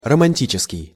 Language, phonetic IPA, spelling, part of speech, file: Russian, [rəmɐnʲˈtʲit͡ɕɪskʲɪj], романтический, adjective, Ru-романтический.ogg
- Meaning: romantic